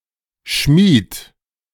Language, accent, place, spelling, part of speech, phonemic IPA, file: German, Germany, Berlin, Schmied, noun / proper noun, /ˈʃmiːt/, De-Schmied.ogg
- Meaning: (noun) 1. smith 2. blacksmith, forger; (proper noun) a surname originating as an occupation, variant of Schmidt and Schmitt